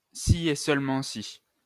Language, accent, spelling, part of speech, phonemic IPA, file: French, France, si et seulement si, conjunction, /si e sœl.mɑ̃ si/, LL-Q150 (fra)-si et seulement si.wav
- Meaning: if and only if (implies and is implied by)